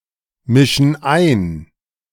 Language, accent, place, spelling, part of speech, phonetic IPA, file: German, Germany, Berlin, mischen ein, verb, [ˌmɪʃn̩ ˈaɪ̯n], De-mischen ein.ogg
- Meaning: inflection of einmischen: 1. first/third-person plural present 2. first/third-person plural subjunctive I